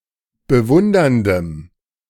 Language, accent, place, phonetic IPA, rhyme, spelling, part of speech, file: German, Germany, Berlin, [bəˈvʊndɐndəm], -ʊndɐndəm, bewunderndem, adjective, De-bewunderndem.ogg
- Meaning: strong dative masculine/neuter singular of bewundernd